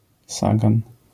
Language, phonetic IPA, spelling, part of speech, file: Polish, [ˈsaɡãn], sagan, noun, LL-Q809 (pol)-sagan.wav